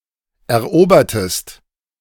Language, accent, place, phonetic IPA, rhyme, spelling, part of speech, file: German, Germany, Berlin, [ɛɐ̯ˈʔoːbɐtəst], -oːbɐtəst, erobertest, verb, De-erobertest.ogg
- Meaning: inflection of erobern: 1. second-person singular preterite 2. second-person singular subjunctive II